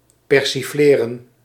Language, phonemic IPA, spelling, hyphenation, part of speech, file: Dutch, /ˌpɛr.siˈfleː.rə(n)/, persifleren, per‧si‧fle‧ren, verb, Nl-persifleren.ogg
- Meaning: to lampoon, to satirise